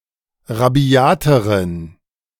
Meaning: inflection of rabiat: 1. strong genitive masculine/neuter singular comparative degree 2. weak/mixed genitive/dative all-gender singular comparative degree
- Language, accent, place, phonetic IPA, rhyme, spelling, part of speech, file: German, Germany, Berlin, [ʁaˈbi̯aːtəʁən], -aːtəʁən, rabiateren, adjective, De-rabiateren.ogg